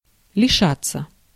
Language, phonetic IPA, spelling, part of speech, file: Russian, [lʲɪˈʂat͡sːə], лишаться, verb, Ru-лишаться.ogg
- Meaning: 1. to be deprived of, to lose 2. passive of лиша́ть (lišátʹ)